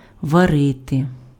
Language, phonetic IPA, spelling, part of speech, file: Ukrainian, [ʋɐˈrɪte], варити, verb, Uk-варити.ogg
- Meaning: 1. to boil, to cook (by boiling) 2. to weld